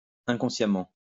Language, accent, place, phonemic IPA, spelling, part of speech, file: French, France, Lyon, /ɛ̃.kɔ̃.sja.mɑ̃/, inconsciemment, adverb, LL-Q150 (fra)-inconsciemment.wav
- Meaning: unwittingly; unknowingly